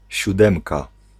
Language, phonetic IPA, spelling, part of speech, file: Polish, [ɕuˈdɛ̃mka], siódemka, noun, Pl-siódemka.ogg